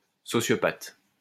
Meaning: sociopath
- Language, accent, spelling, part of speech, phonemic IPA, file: French, France, sociopathe, noun, /sɔ.sjɔ.pat/, LL-Q150 (fra)-sociopathe.wav